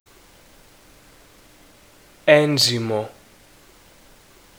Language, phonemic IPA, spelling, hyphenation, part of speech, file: Greek, /ˈenzimo/, ένζυμο, έν‧ζυ‧μο, noun, Ell-Enzymo.ogg
- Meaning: enzyme